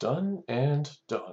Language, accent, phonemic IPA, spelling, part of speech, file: English, US, /ˈdʌn ˈænd ˈdʌn/, done and done, adjective, En-us-done and done.oga
- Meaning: 1. Agreed upon, mutually accepted 2. Done thoroughly and satisfactorily